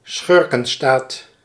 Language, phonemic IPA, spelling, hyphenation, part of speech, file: Dutch, /ˈsxʏr.kə(n)ˌstaːt/, schurkenstaat, schur‧ken‧staat, noun, Nl-schurkenstaat.ogg
- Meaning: rogue state